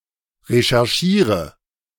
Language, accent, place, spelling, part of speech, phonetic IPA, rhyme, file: German, Germany, Berlin, recherchiere, verb, [ʁeʃɛʁˈʃiːʁə], -iːʁə, De-recherchiere.ogg
- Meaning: inflection of recherchieren: 1. first-person singular present 2. singular imperative 3. first/third-person singular subjunctive I